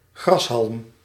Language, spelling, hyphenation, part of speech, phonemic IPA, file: Dutch, grashalm, gras‧halm, noun, /ˈɣrɑs.ɦɑlm/, Nl-grashalm.ogg
- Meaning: a blade of grass